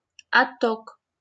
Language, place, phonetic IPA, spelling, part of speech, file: Russian, Saint Petersburg, [ɐˈtːok], отток, noun, LL-Q7737 (rus)-отток.wav
- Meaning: outflow